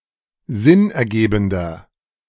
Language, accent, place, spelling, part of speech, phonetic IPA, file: German, Germany, Berlin, sinnergebender, adjective, [ˈzɪnʔɛɐ̯ˌɡeːbn̩dɐ], De-sinnergebender.ogg
- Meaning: inflection of sinnergebend: 1. strong/mixed nominative masculine singular 2. strong genitive/dative feminine singular 3. strong genitive plural